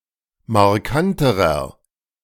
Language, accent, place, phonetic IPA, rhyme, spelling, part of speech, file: German, Germany, Berlin, [maʁˈkantəʁɐ], -antəʁɐ, markanterer, adjective, De-markanterer.ogg
- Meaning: inflection of markant: 1. strong/mixed nominative masculine singular comparative degree 2. strong genitive/dative feminine singular comparative degree 3. strong genitive plural comparative degree